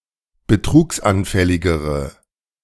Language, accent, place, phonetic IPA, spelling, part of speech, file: German, Germany, Berlin, [bəˈtʁuːksʔanˌfɛlɪɡəʁə], betrugsanfälligere, adjective, De-betrugsanfälligere.ogg
- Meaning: inflection of betrugsanfällig: 1. strong/mixed nominative/accusative feminine singular comparative degree 2. strong nominative/accusative plural comparative degree